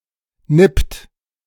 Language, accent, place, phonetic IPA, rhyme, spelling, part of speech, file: German, Germany, Berlin, [nɪpt], -ɪpt, nippt, verb, De-nippt.ogg
- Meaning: inflection of nippen: 1. second-person plural present 2. third-person singular present 3. plural imperative